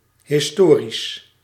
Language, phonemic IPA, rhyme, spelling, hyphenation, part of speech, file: Dutch, /ɦɪsˈtoː.ris/, -oːris, historisch, his‧to‧risch, adjective, Nl-historisch.ogg
- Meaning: historical